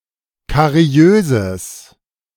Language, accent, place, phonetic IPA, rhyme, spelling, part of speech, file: German, Germany, Berlin, [kaˈʁi̯øːzəs], -øːzəs, kariöses, adjective, De-kariöses.ogg
- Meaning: strong/mixed nominative/accusative neuter singular of kariös